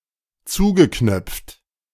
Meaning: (verb) past participle of zuknöpfen; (adjective) reserved
- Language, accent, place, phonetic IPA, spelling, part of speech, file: German, Germany, Berlin, [ˈt͡suːɡəˌknœp͡ft], zugeknöpft, verb, De-zugeknöpft.ogg